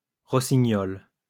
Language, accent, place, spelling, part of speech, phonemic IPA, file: French, France, Lyon, rossignols, noun, /ʁɔ.si.ɲɔl/, LL-Q150 (fra)-rossignols.wav
- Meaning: plural of rossignol